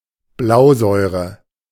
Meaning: hydrocyanic acid, prussic acid
- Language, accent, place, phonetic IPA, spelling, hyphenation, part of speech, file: German, Germany, Berlin, [ˈblaʊ̯zɔʏ̯ʀə], Blausäure, Blau‧säu‧re, noun, De-Blausäure.ogg